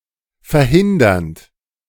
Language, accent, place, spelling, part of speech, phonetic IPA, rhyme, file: German, Germany, Berlin, verhindernd, verb, [fɛɐ̯ˈhɪndɐnt], -ɪndɐnt, De-verhindernd.ogg
- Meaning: present participle of verhindern